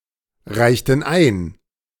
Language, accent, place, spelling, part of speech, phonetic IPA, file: German, Germany, Berlin, reichten ein, verb, [ˌʁaɪ̯çtn̩ ˈaɪ̯n], De-reichten ein.ogg
- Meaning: inflection of einreichen: 1. first/third-person plural preterite 2. first/third-person plural subjunctive II